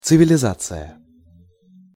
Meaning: civilization
- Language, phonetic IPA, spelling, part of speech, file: Russian, [t͡sɨvʲɪlʲɪˈzat͡sɨjə], цивилизация, noun, Ru-цивилизация.ogg